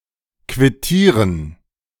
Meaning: 1. to sign a receipt 2. to resign
- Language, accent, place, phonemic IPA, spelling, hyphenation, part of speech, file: German, Germany, Berlin, /kvɪˈtiːʁən/, quittieren, quit‧tie‧ren, verb, De-quittieren.ogg